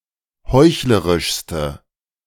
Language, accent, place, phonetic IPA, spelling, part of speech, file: German, Germany, Berlin, [ˈhɔɪ̯çləʁɪʃstə], heuchlerischste, adjective, De-heuchlerischste.ogg
- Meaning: inflection of heuchlerisch: 1. strong/mixed nominative/accusative feminine singular superlative degree 2. strong nominative/accusative plural superlative degree